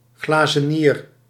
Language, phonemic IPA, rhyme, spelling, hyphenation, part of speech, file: Dutch, /ˌɣlaː.zəˈniːr/, -iːr, glazenier, gla‧ze‧nier, noun, Nl-glazenier.ogg
- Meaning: a glassmaker and glass painter, who produces stained glass